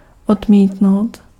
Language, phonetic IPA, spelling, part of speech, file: Czech, [ˈodmiːtnou̯t], odmítnout, verb, Cs-odmítnout.ogg
- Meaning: to reject, to refuse